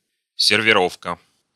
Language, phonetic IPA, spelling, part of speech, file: Russian, [sʲɪrvʲɪˈrofkə], сервировка, noun, Ru-сервировка.ogg
- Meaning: 1. setting (the table) 2. table setting 3. table decoration during a meal